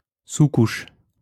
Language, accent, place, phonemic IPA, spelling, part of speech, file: French, France, Lyon, /su.kuʃ/, sous-couche, noun, LL-Q150 (fra)-sous-couche.wav
- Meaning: 1. undercoat, primer 2. sublayer 3. subshell